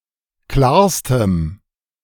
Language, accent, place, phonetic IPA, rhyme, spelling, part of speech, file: German, Germany, Berlin, [ˈklaːɐ̯stəm], -aːɐ̯stəm, klarstem, adjective, De-klarstem.ogg
- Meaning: strong dative masculine/neuter singular superlative degree of klar